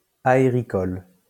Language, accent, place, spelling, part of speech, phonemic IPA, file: French, France, Lyon, aéricole, adjective, /a.e.ʁi.kɔl/, LL-Q150 (fra)-aéricole.wav
- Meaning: aerophytic, epiphytic